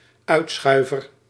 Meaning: gaffe, faux pas
- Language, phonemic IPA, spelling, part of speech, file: Dutch, /ˈœytsxœyvər/, uitschuiver, noun, Nl-uitschuiver.ogg